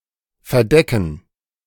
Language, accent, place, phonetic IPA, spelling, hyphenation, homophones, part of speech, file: German, Germany, Berlin, [fɛɐ̯ˈdɛkn̩], verdecken, ver‧de‧cken, Verdecken, verb, De-verdecken.ogg
- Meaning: 1. to mask, to hide, to occlude, to obstruct 2. to cover